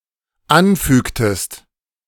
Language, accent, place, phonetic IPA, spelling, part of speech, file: German, Germany, Berlin, [ˈanˌfyːktəst], anfügtest, verb, De-anfügtest.ogg
- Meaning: inflection of anfügen: 1. second-person singular dependent preterite 2. second-person singular dependent subjunctive II